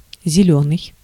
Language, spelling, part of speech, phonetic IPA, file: Russian, зелёный, adjective / noun, [zʲɪˈlʲɵnɨj], Ru-зелёный.ogg
- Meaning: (adjective) 1. green 2. inexperienced, raw 3. sickly, deathly pale (of a face) 4. verdant, lush with vegetation (of a place); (noun) green, environmentalist (a member of a green party)